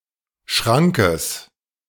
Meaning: genitive singular of Schrank
- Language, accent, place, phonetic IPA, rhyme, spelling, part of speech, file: German, Germany, Berlin, [ˈʃʁaŋkəs], -aŋkəs, Schrankes, noun, De-Schrankes.ogg